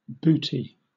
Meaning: 1. A soft, woolen shoe, usually knitted, for a baby or small pet 2. A thick sock worn under a wetsuit 3. An overshoe or sock worn to cover dirty shoes or feet
- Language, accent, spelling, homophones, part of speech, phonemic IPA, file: English, Southern England, bootee, booty, noun, /ˈbuːti/, LL-Q1860 (eng)-bootee.wav